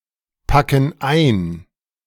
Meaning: inflection of einpacken: 1. first/third-person plural present 2. first/third-person plural subjunctive I
- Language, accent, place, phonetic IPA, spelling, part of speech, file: German, Germany, Berlin, [ˌpakn̩ ˈaɪ̯n], packen ein, verb, De-packen ein.ogg